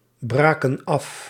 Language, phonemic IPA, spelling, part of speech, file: Dutch, /ˈbrakə(n) ˈɑf/, braken af, verb, Nl-braken af.ogg
- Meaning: inflection of afbreken: 1. plural past indicative 2. plural past subjunctive